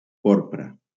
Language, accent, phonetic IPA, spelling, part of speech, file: Catalan, Valencia, [ˈpoɾ.pɾa], porpra, adjective / noun, LL-Q7026 (cat)-porpra.wav
- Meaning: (adjective) 1. purple 2. purpure; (noun) annual mullein (Verbascum boerhavii)